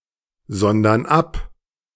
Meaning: inflection of absondern: 1. first/third-person plural present 2. first/third-person plural subjunctive I
- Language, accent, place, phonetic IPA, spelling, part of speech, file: German, Germany, Berlin, [ˌzɔndɐn ˈap], sondern ab, verb, De-sondern ab.ogg